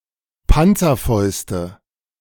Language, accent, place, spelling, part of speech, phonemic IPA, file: German, Germany, Berlin, Panzerfäuste, noun, /ˈpantsɐˌfɔʏstə/, De-Panzerfäuste.ogg
- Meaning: nominative/accusative/genitive plural of Panzerfaust